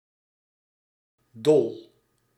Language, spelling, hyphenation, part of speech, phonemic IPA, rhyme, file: Dutch, dol, dol, adjective / noun / verb, /dɔl/, -ɔl, Nl-dol.ogg
- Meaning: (adjective) 1. crazy, silly, mad 2. mindless, reckless; irate 3. stripped, turning without gripping (of screws and screwthreads, taps, keys &c.); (noun) 1. thole(-pin) 2. rowlock, oarlock